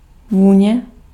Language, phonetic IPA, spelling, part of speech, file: Czech, [ˈvuːɲɛ], vůně, noun, Cs-vůně.ogg
- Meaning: 1. fragrance (pleasant sensation) 2. smell, odor, odour (sensation, pleasant or unpleasant)